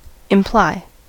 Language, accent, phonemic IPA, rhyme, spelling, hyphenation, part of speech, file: English, US, /ɪmˈplaɪ/, -aɪ, imply, im‧ply, verb, En-us-imply.ogg
- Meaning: 1. To have as a necessary consequence; to lead to (something) as a consequence 2. To suggest by logical inference 3. To hint; to insinuate; to suggest tacitly and avoid a direct statement